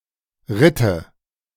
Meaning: first/third-person singular subjunctive II of reiten
- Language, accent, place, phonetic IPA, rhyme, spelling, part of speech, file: German, Germany, Berlin, [ˈʁɪtə], -ɪtə, ritte, verb, De-ritte.ogg